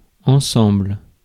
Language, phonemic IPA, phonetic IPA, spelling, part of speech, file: French, /ɑ̃.sɑ̃bl/, [ɔ̃sɔ̃m], ensemble, adverb / noun, Fr-ensemble.ogg
- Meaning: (adverb) together; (noun) 1. set, grouping, aggregate, collection, body (a coming together of elements forming a whole, a unified or interrelated group) 2. outfit (a set of articles of clothing)